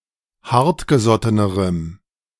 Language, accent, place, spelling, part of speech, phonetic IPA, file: German, Germany, Berlin, hartgesottenerem, adjective, [ˈhaʁtɡəˌzɔtənəʁəm], De-hartgesottenerem.ogg
- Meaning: strong dative masculine/neuter singular comparative degree of hartgesotten